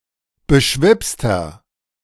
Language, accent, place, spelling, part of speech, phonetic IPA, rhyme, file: German, Germany, Berlin, beschwipster, adjective, [bəˈʃvɪpstɐ], -ɪpstɐ, De-beschwipster.ogg
- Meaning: 1. comparative degree of beschwipst 2. inflection of beschwipst: strong/mixed nominative masculine singular 3. inflection of beschwipst: strong genitive/dative feminine singular